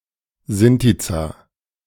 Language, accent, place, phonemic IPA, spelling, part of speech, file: German, Germany, Berlin, /ˈzɪntit͡sa/, Sintiza, noun, De-Sintiza.ogg
- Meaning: alternative form of Sinteza